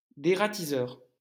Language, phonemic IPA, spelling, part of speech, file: French, /de.ʁa.ti.zœʁ/, dératiseur, noun, LL-Q150 (fra)-dératiseur.wav
- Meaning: exterminator (not just of rats)